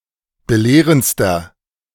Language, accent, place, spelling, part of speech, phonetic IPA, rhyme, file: German, Germany, Berlin, belehrendster, adjective, [bəˈleːʁənt͡stɐ], -eːʁənt͡stɐ, De-belehrendster.ogg
- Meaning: inflection of belehrend: 1. strong/mixed nominative masculine singular superlative degree 2. strong genitive/dative feminine singular superlative degree 3. strong genitive plural superlative degree